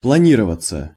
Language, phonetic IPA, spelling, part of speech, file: Russian, [pɫɐˈnʲirəvət͡sə], планироваться, verb, Ru-планироваться.ogg
- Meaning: passive of плани́ровать (planírovatʹ)